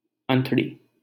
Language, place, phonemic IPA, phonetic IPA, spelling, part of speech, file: Hindi, Delhi, /ən.t̪ɽiː/, [ɐ̃n̪.t̪ɽiː], अंतड़ी, noun, LL-Q1568 (hin)-अंतड़ी.wav
- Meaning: 1. intestines 2. entrails, guts